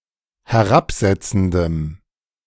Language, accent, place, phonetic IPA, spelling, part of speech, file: German, Germany, Berlin, [hɛˈʁapˌzɛt͡sn̩dəm], herabsetzendem, adjective, De-herabsetzendem.ogg
- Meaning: strong dative masculine/neuter singular of herabsetzend